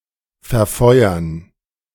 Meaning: 1. to burn and waste to some degree (i.e. to peruse its energy) 2. to discharge and waste to some degree, to shoot off (if the projectile is propelled by the participation of fire)
- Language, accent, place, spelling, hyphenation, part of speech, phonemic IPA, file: German, Germany, Berlin, verfeuern, ver‧feu‧ern, verb, /fɛɐ̯ˈfɔɪ̯ɐn/, De-verfeuern.ogg